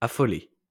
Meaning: past participle of affoler
- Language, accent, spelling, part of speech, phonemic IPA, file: French, France, affolé, verb, /a.fɔ.le/, LL-Q150 (fra)-affolé.wav